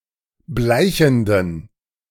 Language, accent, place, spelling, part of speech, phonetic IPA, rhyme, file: German, Germany, Berlin, bleichenden, adjective, [ˈblaɪ̯çn̩dən], -aɪ̯çn̩dən, De-bleichenden.ogg
- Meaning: inflection of bleichend: 1. strong genitive masculine/neuter singular 2. weak/mixed genitive/dative all-gender singular 3. strong/weak/mixed accusative masculine singular 4. strong dative plural